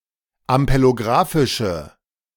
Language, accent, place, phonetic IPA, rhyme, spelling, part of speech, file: German, Germany, Berlin, [ampeloˈɡʁaːfɪʃə], -aːfɪʃə, ampelographische, adjective, De-ampelographische.ogg
- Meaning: inflection of ampelographisch: 1. strong/mixed nominative/accusative feminine singular 2. strong nominative/accusative plural 3. weak nominative all-gender singular